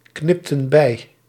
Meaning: inflection of bijknippen: 1. plural past indicative 2. plural past subjunctive
- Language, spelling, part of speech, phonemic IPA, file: Dutch, knipten bij, verb, /ˈknɪptə(n) ˈbɛi/, Nl-knipten bij.ogg